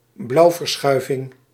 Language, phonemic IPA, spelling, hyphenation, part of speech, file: Dutch, /ˈblɑu̯.vərˌsxœy̯.vɪŋ/, blauwverschuiving, blauw‧ver‧schui‧ving, noun, Nl-blauwverschuiving.ogg
- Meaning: blueshift